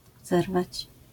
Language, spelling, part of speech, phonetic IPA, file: Polish, zerwać, verb, [ˈzɛrvat͡ɕ], LL-Q809 (pol)-zerwać.wav